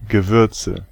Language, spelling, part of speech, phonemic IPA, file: German, Gewürze, noun, /ɡəˈvʏʁtsə/, De-Gewürze.ogg
- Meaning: nominative/accusative/genitive plural of Gewürz